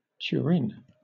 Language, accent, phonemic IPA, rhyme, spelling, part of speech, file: English, Southern England, /tjʊəˈɹɪn/, -ɪn, Turin, proper noun, LL-Q1860 (eng)-Turin.wav
- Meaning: 1. A city and comune, the capital of the Metropolitan City of Turin and the region of Piedmont, Italy 2. A metropolitan city of Piedmont, established in 2015; in full, the Metropolitan City of Turin